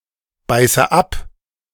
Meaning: inflection of abbeißen: 1. first-person singular present 2. first/third-person singular subjunctive I 3. singular imperative
- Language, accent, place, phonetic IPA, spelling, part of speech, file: German, Germany, Berlin, [ˌbaɪ̯sə ˈap], beiße ab, verb, De-beiße ab.ogg